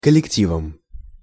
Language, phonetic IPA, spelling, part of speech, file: Russian, [kəlʲɪkˈtʲivəm], коллективом, noun, Ru-коллективом.ogg
- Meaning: instrumental singular of коллекти́в (kollektív)